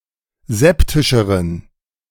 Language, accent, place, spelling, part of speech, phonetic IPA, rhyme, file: German, Germany, Berlin, septischeren, adjective, [ˈzɛptɪʃəʁən], -ɛptɪʃəʁən, De-septischeren.ogg
- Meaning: inflection of septisch: 1. strong genitive masculine/neuter singular comparative degree 2. weak/mixed genitive/dative all-gender singular comparative degree